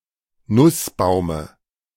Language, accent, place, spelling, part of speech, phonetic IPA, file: German, Germany, Berlin, Nussbaume, noun, [ˈnʊsˌbaʊ̯mə], De-Nussbaume.ogg
- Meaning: dative of Nussbaum